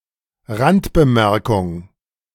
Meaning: gloss
- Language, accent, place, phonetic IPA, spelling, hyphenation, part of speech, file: German, Germany, Berlin, [ˈʁantbəˌmɛʁkʊŋ], Randbemerkung, Rand‧be‧mer‧kung, noun, De-Randbemerkung.ogg